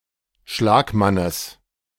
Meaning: genitive of Schlagmann
- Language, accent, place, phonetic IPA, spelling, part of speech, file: German, Germany, Berlin, [ˈʃlaːkˌmanəs], Schlagmannes, noun, De-Schlagmannes.ogg